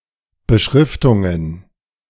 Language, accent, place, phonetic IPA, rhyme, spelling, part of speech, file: German, Germany, Berlin, [bəˈʃʁɪftʊŋən], -ɪftʊŋən, Beschriftungen, noun, De-Beschriftungen.ogg
- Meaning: plural of Beschriftung